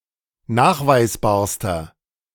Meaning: inflection of nachweisbar: 1. strong/mixed nominative masculine singular superlative degree 2. strong genitive/dative feminine singular superlative degree 3. strong genitive plural superlative degree
- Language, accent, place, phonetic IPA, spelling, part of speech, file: German, Germany, Berlin, [ˈnaːxvaɪ̯sˌbaːɐ̯stɐ], nachweisbarster, adjective, De-nachweisbarster.ogg